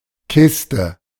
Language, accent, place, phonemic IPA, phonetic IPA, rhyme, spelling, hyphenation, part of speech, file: German, Germany, Berlin, /ˈkɪstə/, [ˈkʰɪs.tə], -ɪstə, Kiste, Kis‧te, noun, De-Kiste.ogg
- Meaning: 1. chest, box 2. crate, case (a box that contains beverage bottles) 3. bed, sleeping furniture 4. old banger, hooptie 5. television set 6. computer tower 7. affair, matter